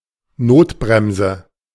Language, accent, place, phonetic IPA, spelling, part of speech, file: German, Germany, Berlin, [ˈnoːtˌbʁɛmzə], Notbremse, noun, De-Notbremse.ogg
- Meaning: 1. emergency brake 2. a foul against a player who is in the course of scoring a goal, according to contemporary rules generally punished with a straight red card